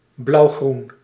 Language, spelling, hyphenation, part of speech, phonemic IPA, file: Dutch, blauwgroen, blauw‧groen, noun / adjective, /blɑu̯ˈɣrun/, Nl-blauwgroen.ogg
- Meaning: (noun) blue-green, cyan; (adjective) cyan-coloured